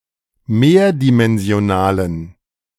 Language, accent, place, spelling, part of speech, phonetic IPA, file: German, Germany, Berlin, mehrdimensionalen, adjective, [ˈmeːɐ̯dimɛnzi̯oˌnaːlən], De-mehrdimensionalen.ogg
- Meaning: inflection of mehrdimensional: 1. strong genitive masculine/neuter singular 2. weak/mixed genitive/dative all-gender singular 3. strong/weak/mixed accusative masculine singular 4. strong dative plural